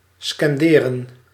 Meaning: 1. to scan, to form a poetic metre by pronouncing out loud 2. to chant
- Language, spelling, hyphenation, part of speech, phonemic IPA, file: Dutch, scanderen, scan‧de‧ren, verb, /ˌskɑnˈdeː.rə(n)/, Nl-scanderen.ogg